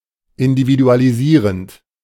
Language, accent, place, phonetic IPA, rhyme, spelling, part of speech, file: German, Germany, Berlin, [ɪndividualiˈziːʁənt], -iːʁənt, individualisierend, verb, De-individualisierend.ogg
- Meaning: present participle of individualisieren